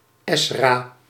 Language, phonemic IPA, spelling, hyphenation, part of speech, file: Dutch, /ˈɛs.raː/, Ezra, Ez‧ra, proper noun, Nl-Ezra.ogg
- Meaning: 1. Ezra (the fifteenth book of the Bible) 2. Ezra (a Jewish high priest and Biblical character)